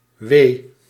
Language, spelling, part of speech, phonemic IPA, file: Dutch, W, character / adverb, /ʋeː/, Nl-W.ogg
- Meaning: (character) the twenty-third letter of the Dutch alphabet; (adverb) abbreviation of west; west